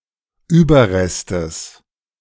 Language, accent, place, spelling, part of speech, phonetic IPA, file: German, Germany, Berlin, Überrestes, noun, [ˈyːbɐˌʁɛstəs], De-Überrestes.ogg
- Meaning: genitive singular of Überrest